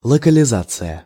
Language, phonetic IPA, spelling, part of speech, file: Russian, [ɫəkəlʲɪˈzat͡sɨjə], локализация, noun, Ru-локализация.ogg
- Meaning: localization (act of localizing)